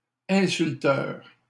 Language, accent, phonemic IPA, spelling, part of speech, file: French, Canada, /ɛ̃.syl.tœʁ/, insulteurs, noun, LL-Q150 (fra)-insulteurs.wav
- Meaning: plural of insulteur